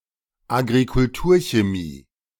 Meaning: agrochemistry
- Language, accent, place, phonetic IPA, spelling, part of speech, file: German, Germany, Berlin, [aɡʁikʊlˈtuːɐ̯çeˌmiː], Agrikulturchemie, noun, De-Agrikulturchemie.ogg